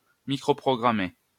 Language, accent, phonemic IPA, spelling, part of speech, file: French, France, /mi.kʁo.pʁɔ.ɡʁa.me/, microprogrammer, verb, LL-Q150 (fra)-microprogrammer.wav
- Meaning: to microprogram